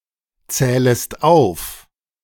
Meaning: second-person singular subjunctive I of aufzählen
- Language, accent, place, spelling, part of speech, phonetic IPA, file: German, Germany, Berlin, zählest auf, verb, [ˌt͡sɛːləst ˈaʊ̯f], De-zählest auf.ogg